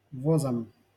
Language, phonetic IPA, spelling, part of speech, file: Russian, [vɐˈzam], возам, noun, LL-Q7737 (rus)-возам.wav
- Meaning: dative plural of воз (voz)